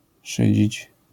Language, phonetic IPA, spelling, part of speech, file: Polish, [ˈʃɨd͡ʑit͡ɕ], szydzić, verb, LL-Q809 (pol)-szydzić.wav